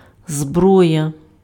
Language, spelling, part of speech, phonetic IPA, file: Ukrainian, зброя, noun, [ˈzbrɔjɐ], Uk-зброя.ogg
- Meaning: weapon, armament, arms